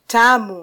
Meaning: 1. sweet (having a pleasant taste) 2. delicious
- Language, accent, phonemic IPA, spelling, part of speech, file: Swahili, Kenya, /ˈtɑ.mu/, tamu, adjective, Sw-ke-tamu.flac